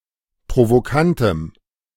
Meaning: strong dative masculine/neuter singular of provokant
- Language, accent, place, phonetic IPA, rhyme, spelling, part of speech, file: German, Germany, Berlin, [pʁovoˈkantəm], -antəm, provokantem, adjective, De-provokantem.ogg